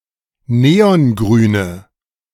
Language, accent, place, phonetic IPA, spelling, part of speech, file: German, Germany, Berlin, [ˈneːɔnˌɡʁyːnə], neongrüne, adjective, De-neongrüne.ogg
- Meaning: inflection of neongrün: 1. strong/mixed nominative/accusative feminine singular 2. strong nominative/accusative plural 3. weak nominative all-gender singular